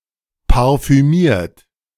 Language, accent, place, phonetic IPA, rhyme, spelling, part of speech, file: German, Germany, Berlin, [paʁfyˈmiːɐ̯t], -iːɐ̯t, parfümiert, verb, De-parfümiert.ogg
- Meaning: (verb) past participle of parfümieren; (adjective) perfumed